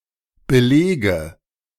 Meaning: inflection of belegen: 1. first-person singular present 2. first/third-person singular subjunctive I 3. singular imperative
- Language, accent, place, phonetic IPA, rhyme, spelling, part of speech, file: German, Germany, Berlin, [bəˈleːɡə], -eːɡə, belege, verb, De-belege.ogg